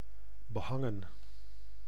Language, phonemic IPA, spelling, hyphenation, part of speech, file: Dutch, /bəˈɦɑŋə(n)/, behangen, be‧han‧gen, verb, Nl-behangen.ogg
- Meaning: 1. to hang things on, to behang 2. to wallpaper 3. past participle of behangen